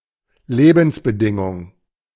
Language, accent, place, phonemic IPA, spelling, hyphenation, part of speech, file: German, Germany, Berlin, /ˈleːbn̩sbəˌdɪŋʊŋ/, Lebensbedingung, Le‧bens‧be‧din‧gung, noun, De-Lebensbedingung.ogg
- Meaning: condition of life